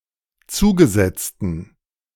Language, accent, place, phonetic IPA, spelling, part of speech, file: German, Germany, Berlin, [ˈt͡suːɡəˌzɛt͡stn̩], zugesetzten, adjective, De-zugesetzten.ogg
- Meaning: inflection of zugesetzt: 1. strong genitive masculine/neuter singular 2. weak/mixed genitive/dative all-gender singular 3. strong/weak/mixed accusative masculine singular 4. strong dative plural